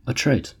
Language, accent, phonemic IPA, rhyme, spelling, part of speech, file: English, US, /əˈtɹaɪt/, -aɪt, attrite, verb / adjective, En-us-attrite.ogg
- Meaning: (verb) Alternative form of attrit; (adjective) 1. Regretful of one's wrongdoing merely due to fear of punishment 2. Worn by rubbing or friction